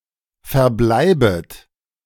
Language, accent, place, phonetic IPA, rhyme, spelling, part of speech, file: German, Germany, Berlin, [fɛɐ̯ˈblaɪ̯bət], -aɪ̯bət, verbleibet, verb, De-verbleibet.ogg
- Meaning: second-person plural subjunctive I of verbleiben